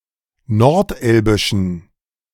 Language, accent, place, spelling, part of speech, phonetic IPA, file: German, Germany, Berlin, nordelbischen, adjective, [nɔʁtˈʔɛlbɪʃn̩], De-nordelbischen.ogg
- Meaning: inflection of nordelbisch: 1. strong genitive masculine/neuter singular 2. weak/mixed genitive/dative all-gender singular 3. strong/weak/mixed accusative masculine singular 4. strong dative plural